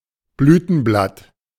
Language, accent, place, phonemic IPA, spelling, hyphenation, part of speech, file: German, Germany, Berlin, /ˈblyːtn̩ˌblat/, Blütenblatt, Blü‧ten‧blatt, noun, De-Blütenblatt.ogg
- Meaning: 1. petal 2. all components of a blossom, including the sepals etc